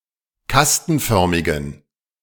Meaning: inflection of kastenförmig: 1. strong genitive masculine/neuter singular 2. weak/mixed genitive/dative all-gender singular 3. strong/weak/mixed accusative masculine singular 4. strong dative plural
- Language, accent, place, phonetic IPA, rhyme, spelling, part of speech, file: German, Germany, Berlin, [ˈkastn̩ˌfœʁmɪɡn̩], -astn̩fœʁmɪɡn̩, kastenförmigen, adjective, De-kastenförmigen.ogg